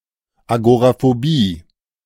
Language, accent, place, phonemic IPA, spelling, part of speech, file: German, Germany, Berlin, /aɡoʁafoˈbiː/, Agoraphobie, noun, De-Agoraphobie.ogg
- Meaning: agoraphobia (fear of open spaces)